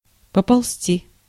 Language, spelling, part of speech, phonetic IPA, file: Russian, поползти, verb, [pəpɐɫˈs⁽ʲ⁾tʲi], Ru-поползти.ogg
- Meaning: 1. to (start) creeping, crawling 2. to start moving slowly 3. to start spreading (of rumours) 4. to start fraying, ravelling out (of fabric) 5. to start slipping, collapsing (of soil)